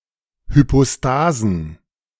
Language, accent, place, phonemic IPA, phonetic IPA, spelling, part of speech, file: German, Germany, Berlin, /hypoˈstaːzən/, [hypoˈstaːzn̩], Hypostasen, noun, De-Hypostasen.ogg
- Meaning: plural of Hypostase